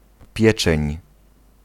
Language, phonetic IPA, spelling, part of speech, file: Polish, [ˈpʲjɛt͡ʃɛ̃ɲ], pieczeń, noun, Pl-pieczeń.ogg